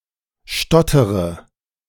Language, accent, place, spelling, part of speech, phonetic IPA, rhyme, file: German, Germany, Berlin, stottere, verb, [ˈʃtɔtəʁə], -ɔtəʁə, De-stottere.ogg
- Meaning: inflection of stottern: 1. first-person singular present 2. first/third-person singular subjunctive I 3. singular imperative